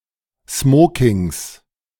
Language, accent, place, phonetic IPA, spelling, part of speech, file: German, Germany, Berlin, [ˈsmoːkɪŋs], Smokings, noun, De-Smokings.ogg
- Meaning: 1. genitive singular of Smoking 2. plural of Smoking